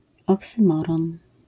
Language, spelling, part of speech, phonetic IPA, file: Polish, oksymoron, noun, [ˌɔksɨ̃ˈmɔrɔ̃n], LL-Q809 (pol)-oksymoron.wav